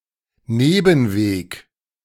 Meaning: byway, back road, sideroad
- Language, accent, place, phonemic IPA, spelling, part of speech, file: German, Germany, Berlin, /ˈneːbn̩ˌveːk/, Nebenweg, noun, De-Nebenweg.ogg